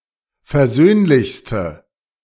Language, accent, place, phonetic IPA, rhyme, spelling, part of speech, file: German, Germany, Berlin, [fɛɐ̯ˈzøːnlɪçstə], -øːnlɪçstə, versöhnlichste, adjective, De-versöhnlichste.ogg
- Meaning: inflection of versöhnlich: 1. strong/mixed nominative/accusative feminine singular superlative degree 2. strong nominative/accusative plural superlative degree